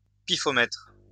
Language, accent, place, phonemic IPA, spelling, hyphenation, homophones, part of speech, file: French, France, Lyon, /pi.fɔ.mɛtʁ/, pifomètre, pi‧fo‧mètre, pifomètres, noun, LL-Q150 (fra)-pifomètre.wav
- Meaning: intuitive estimate or approximation